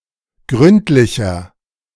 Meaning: 1. comparative degree of gründlich 2. inflection of gründlich: strong/mixed nominative masculine singular 3. inflection of gründlich: strong genitive/dative feminine singular
- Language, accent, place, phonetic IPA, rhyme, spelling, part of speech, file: German, Germany, Berlin, [ˈɡʁʏntlɪçɐ], -ʏntlɪçɐ, gründlicher, adjective, De-gründlicher.ogg